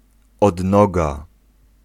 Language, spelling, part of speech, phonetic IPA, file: Polish, odnoga, noun, [ɔdˈnɔɡa], Pl-odnoga.ogg